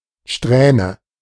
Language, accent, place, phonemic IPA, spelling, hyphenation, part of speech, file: German, Germany, Berlin, /ˈʃtrɛːnə/, Strähne, Sträh‧ne, noun, De-Strähne.ogg
- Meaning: 1. strand (of hair) 2. streak (of a liquid), bundle of rays (of light) 3. streak (uninterrupted series of events)